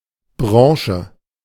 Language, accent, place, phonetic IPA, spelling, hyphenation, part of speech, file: German, Germany, Berlin, [ˈbʁɔŋ.ʃə], Branche, Bran‧che, noun, De-Branche.ogg
- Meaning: 1. sector, a specific trade or industry 2. sector, domain (in other contexts)